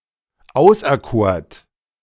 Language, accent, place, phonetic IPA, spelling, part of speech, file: German, Germany, Berlin, [ˈaʊ̯sʔɛɐ̯ˌkoːɐ̯t], auserkort, verb, De-auserkort.ogg
- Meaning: second-person plural preterite of auserkiesen